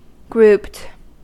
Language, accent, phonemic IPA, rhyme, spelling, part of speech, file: English, US, /ɡɹuːpt/, -uːpt, grouped, adjective / verb, En-us-grouped.ogg
- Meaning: simple past and past participle of group